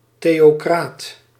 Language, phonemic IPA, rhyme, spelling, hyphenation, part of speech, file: Dutch, /ˌteː.oːˈkraːt/, -aːt, theocraat, theo‧craat, noun, Nl-theocraat.ogg
- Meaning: 1. theocrat (ruler of a theocracy) 2. theocrat (proponent of theocracy)